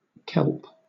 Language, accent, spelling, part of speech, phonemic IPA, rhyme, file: English, Southern England, kelp, noun / verb, /kɛlp/, -ɛlp, LL-Q1860 (eng)-kelp.wav
- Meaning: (noun) 1. Any of several large brown algae seaweeds (especially of order Laminariales) 2. The calcined ashes of seaweed, formerly used in glass and iodine manufacture; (verb) To gather kelp